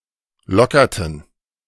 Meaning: inflection of lockern: 1. first/third-person plural preterite 2. first/third-person plural subjunctive II
- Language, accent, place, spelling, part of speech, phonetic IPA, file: German, Germany, Berlin, lockerten, verb, [ˈlɔkɐtn̩], De-lockerten.ogg